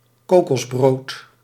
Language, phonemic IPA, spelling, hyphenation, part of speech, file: Dutch, /ˈkoː.kɔsˌbroːt/, kokosbrood, ko‧kos‧brood, noun, Nl-kokosbrood.ogg
- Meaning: a type of bread topping made of coconut meat, pressed into a loaf and often cut into slices